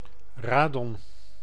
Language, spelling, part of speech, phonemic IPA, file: Dutch, radon, noun, /ˈraː.dɔn/, Nl-radon.ogg
- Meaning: radon